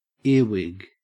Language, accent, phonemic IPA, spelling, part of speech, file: English, Australia, /ˈɪə(ɹ)wɪɡ/, earwig, noun / verb, En-au-earwig.ogg